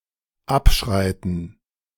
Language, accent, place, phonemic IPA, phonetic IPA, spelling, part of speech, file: German, Germany, Berlin, /ˈapˌʃraɪ̯tən/, [ˈʔäpˌʃʁäɪ̯tn̩], abschreiten, verb, De-abschreiten.ogg
- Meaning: 1. to pace or stride along (walk slowly along some path, as an officer inspecting a line of soldiers) 2. to step off; to pace off (measure by steps)